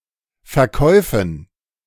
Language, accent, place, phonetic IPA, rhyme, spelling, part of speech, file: German, Germany, Berlin, [fɛɐ̯ˈkɔɪ̯fn̩], -ɔɪ̯fn̩, Verkäufen, noun, De-Verkäufen.ogg
- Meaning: dative plural of Verkauf